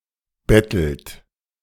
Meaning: inflection of betteln: 1. third-person singular present 2. second-person plural present 3. plural imperative
- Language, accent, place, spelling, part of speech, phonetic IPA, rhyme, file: German, Germany, Berlin, bettelt, verb, [ˈbɛtl̩t], -ɛtl̩t, De-bettelt.ogg